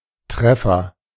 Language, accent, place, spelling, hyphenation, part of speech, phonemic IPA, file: German, Germany, Berlin, Treffer, Tref‧fer, noun, /ˈtʁɛˑfɐ/, De-Treffer.ogg
- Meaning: 1. hit (A blow, punch, strike hitting a target.) 2. results (online search)